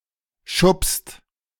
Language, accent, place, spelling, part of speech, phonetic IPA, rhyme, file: German, Germany, Berlin, schuppst, verb, [ʃʊpst], -ʊpst, De-schuppst.ogg
- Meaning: second-person singular present of schuppen